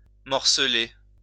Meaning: to break up; to divide up
- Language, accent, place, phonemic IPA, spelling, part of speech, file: French, France, Lyon, /mɔʁ.sə.le/, morceler, verb, LL-Q150 (fra)-morceler.wav